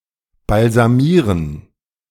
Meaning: 1. to embalm 2. to anoint
- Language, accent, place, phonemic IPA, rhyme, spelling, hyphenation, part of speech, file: German, Germany, Berlin, /balzaˈmiːʁən/, -iːʁən, balsamieren, bal‧sa‧mie‧ren, verb, De-balsamieren.ogg